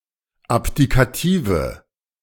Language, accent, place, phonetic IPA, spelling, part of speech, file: German, Germany, Berlin, [ˈapdikaˌtiːvə], abdikative, adjective, De-abdikative.ogg
- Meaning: inflection of abdikativ: 1. strong/mixed nominative/accusative feminine singular 2. strong nominative/accusative plural 3. weak nominative all-gender singular